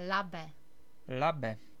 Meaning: Elbe
- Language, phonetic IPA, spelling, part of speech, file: Czech, [ˈlabɛ], Labe, proper noun, Cs-Labe.ogg